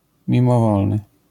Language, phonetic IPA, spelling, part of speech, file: Polish, [ˌmʲĩmɔˈvɔlnɨ], mimowolny, adjective, LL-Q809 (pol)-mimowolny.wav